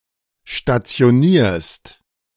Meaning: second-person singular present of stationieren
- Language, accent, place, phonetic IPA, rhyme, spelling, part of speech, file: German, Germany, Berlin, [ʃtat͡si̯oˈniːɐ̯st], -iːɐ̯st, stationierst, verb, De-stationierst.ogg